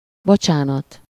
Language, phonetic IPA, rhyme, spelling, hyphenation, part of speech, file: Hungarian, [ˈbot͡ʃaːnɒt], -ɒt, bocsánat, bo‧csá‧nat, interjection / noun, Hu-bocsánat.ogg
- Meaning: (interjection) sorry, pardon; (noun) pardon, forgiveness